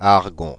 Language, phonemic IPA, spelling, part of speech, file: French, /aʁ.ɡɔ̃/, argon, noun, Fr-argon.ogg
- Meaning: argon